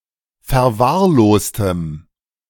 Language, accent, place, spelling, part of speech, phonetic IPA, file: German, Germany, Berlin, verwahrlostem, adjective, [fɛɐ̯ˈvaːɐ̯ˌloːstəm], De-verwahrlostem.ogg
- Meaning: strong dative masculine/neuter singular of verwahrlost